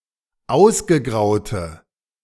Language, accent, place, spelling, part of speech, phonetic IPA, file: German, Germany, Berlin, ausgegraute, adjective, [ˈaʊ̯sɡəˌɡʁaʊ̯tə], De-ausgegraute.ogg
- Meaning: inflection of ausgegraut: 1. strong/mixed nominative/accusative feminine singular 2. strong nominative/accusative plural 3. weak nominative all-gender singular